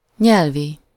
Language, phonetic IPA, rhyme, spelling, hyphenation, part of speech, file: Hungarian, [ˈɲɛlvi], -vi, nyelvi, nyel‧vi, adjective, Hu-nyelvi.ogg
- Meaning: linguistic, lingual (of, or relating to language)